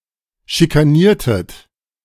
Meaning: inflection of schikanieren: 1. second-person plural preterite 2. second-person plural subjunctive II
- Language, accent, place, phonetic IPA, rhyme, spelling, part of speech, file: German, Germany, Berlin, [ʃikaˈniːɐ̯tət], -iːɐ̯tət, schikaniertet, verb, De-schikaniertet.ogg